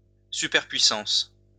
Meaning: superpower (sovereign state with dominant status on the globe and a very advanced military)
- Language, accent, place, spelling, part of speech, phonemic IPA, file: French, France, Lyon, superpuissance, noun, /sy.pɛʁ.pɥi.sɑ̃s/, LL-Q150 (fra)-superpuissance.wav